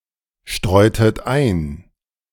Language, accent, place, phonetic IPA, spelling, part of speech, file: German, Germany, Berlin, [ˌʃtʁɔɪ̯tət ˈaɪ̯n], streutet ein, verb, De-streutet ein.ogg
- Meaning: inflection of einstreuen: 1. second-person plural preterite 2. second-person plural subjunctive II